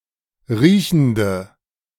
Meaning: inflection of riechend: 1. strong/mixed nominative/accusative feminine singular 2. strong nominative/accusative plural 3. weak nominative all-gender singular
- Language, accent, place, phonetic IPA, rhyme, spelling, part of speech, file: German, Germany, Berlin, [ˈʁiːçn̩də], -iːçn̩də, riechende, adjective, De-riechende.ogg